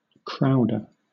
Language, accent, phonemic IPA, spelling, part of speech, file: English, Southern England, /ˈkɹaʊdə(ɹ)/, crowder, noun, LL-Q1860 (eng)-crowder.wav
- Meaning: 1. One who crowds or pushes 2. One who plays on a crwth (Welsh string instrument); a fiddler